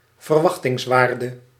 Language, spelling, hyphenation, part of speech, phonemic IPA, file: Dutch, verwachtingswaarde, ver‧wach‧tings‧waar‧de, noun, /vərˈʋɑx.tɪŋsˌʋaːr.də/, Nl-verwachtingswaarde.ogg
- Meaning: expected value